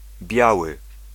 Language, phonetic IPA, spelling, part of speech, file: Polish, [ˈbʲjawɨ], Biały, noun, Pl-Biały.ogg